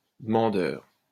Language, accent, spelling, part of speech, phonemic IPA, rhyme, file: French, France, demandeur, noun, /də.mɑ̃.dœʁ/, -œʁ, LL-Q150 (fra)-demandeur.wav
- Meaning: 1. asker or requester (one who asks or requests something) 2. seeker 3. complainant, plaintiff (one who brings a lawsuit against another)